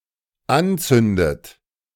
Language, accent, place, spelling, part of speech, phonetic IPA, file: German, Germany, Berlin, anzündet, verb, [ˈanˌt͡sʏndət], De-anzündet.ogg
- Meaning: inflection of anzünden: 1. third-person singular dependent present 2. second-person plural dependent present 3. second-person plural dependent subjunctive I